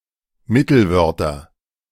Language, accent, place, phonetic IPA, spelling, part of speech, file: German, Germany, Berlin, [ˈmɪtl̩ˌvœʁtɐ], Mittelwörter, noun, De-Mittelwörter.ogg
- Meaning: nominative/accusative/genitive plural of Mittelwort